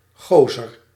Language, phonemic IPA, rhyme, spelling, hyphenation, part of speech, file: Dutch, /ˈɣoː.zər/, -oːzər, gozer, go‧zer, noun, Nl-gozer.ogg
- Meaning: guy, dude, bloke